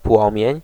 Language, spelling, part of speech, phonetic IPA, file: Polish, płomień, noun, [ˈpwɔ̃mʲjɛ̇̃ɲ], Pl-płomień.ogg